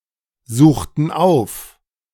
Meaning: inflection of aufsuchen: 1. first/third-person plural preterite 2. first/third-person plural subjunctive II
- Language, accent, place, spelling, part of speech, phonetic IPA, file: German, Germany, Berlin, suchten auf, verb, [ˌzuːxtn̩ ˈaʊ̯f], De-suchten auf.ogg